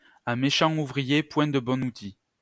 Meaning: a bad workman always blames his tools
- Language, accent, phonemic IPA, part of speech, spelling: French, France, /a me.ʃɑ̃.t‿u.vʁi.je | pwɛ̃ d(ə) bɔ.n‿u.ti/, proverb, à méchant ouvrier, point de bon outil